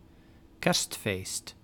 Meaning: Christmas
- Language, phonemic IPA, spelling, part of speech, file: Dutch, /ˈkɛrstˌfeːst/, kerstfeest, noun, Nl-kerstfeest.ogg